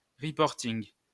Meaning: rapportage, exposé
- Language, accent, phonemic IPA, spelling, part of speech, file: French, France, /ʁə.pɔʁ.tiŋ/, reporting, noun, LL-Q150 (fra)-reporting.wav